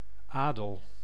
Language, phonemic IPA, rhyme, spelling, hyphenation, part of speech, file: Dutch, /ˈaːdəl/, -aːdəl, adel, adel, noun, Nl-adel.ogg
- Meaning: 1. nobility (class of people) 2. nobility (quality of being noble)